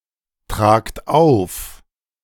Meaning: inflection of auftragen: 1. second-person plural present 2. plural imperative
- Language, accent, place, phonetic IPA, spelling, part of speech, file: German, Germany, Berlin, [ˌtʁaːkt ˈaʊ̯f], tragt auf, verb, De-tragt auf.ogg